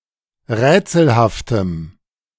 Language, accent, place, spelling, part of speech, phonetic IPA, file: German, Germany, Berlin, rätselhaftem, adjective, [ˈʁɛːt͡sl̩haftəm], De-rätselhaftem.ogg
- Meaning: strong dative masculine/neuter singular of rätselhaft